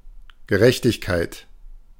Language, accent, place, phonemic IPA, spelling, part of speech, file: German, Germany, Berlin, /ɡəˈʁɛçtɪçkaɪ̯t/, Gerechtigkeit, noun, De-Gerechtigkeit.ogg
- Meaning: justice